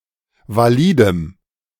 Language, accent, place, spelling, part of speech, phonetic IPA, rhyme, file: German, Germany, Berlin, validem, adjective, [vaˈliːdəm], -iːdəm, De-validem.ogg
- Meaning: strong dative masculine/neuter singular of valid